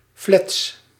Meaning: pale, lurid, wan
- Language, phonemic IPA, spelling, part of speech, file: Dutch, /flɛts/, flets, adjective, Nl-flets.ogg